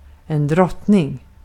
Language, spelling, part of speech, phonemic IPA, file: Swedish, drottning, noun, /²drɔtːnɪŋ/, Sv-drottning.ogg
- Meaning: 1. a queen 2. queen